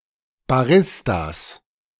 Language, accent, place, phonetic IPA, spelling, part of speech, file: German, Germany, Berlin, [baˈʁɪstas], Baristas, noun, De-Baristas.ogg
- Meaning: 1. genitive singular of Barista 2. plural of Barista